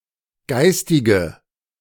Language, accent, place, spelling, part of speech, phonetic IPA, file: German, Germany, Berlin, geistige, adjective, [ˈɡaɪ̯stɪɡə], De-geistige.ogg
- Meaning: inflection of geistig: 1. strong/mixed nominative/accusative feminine singular 2. strong nominative/accusative plural 3. weak nominative all-gender singular 4. weak accusative feminine/neuter singular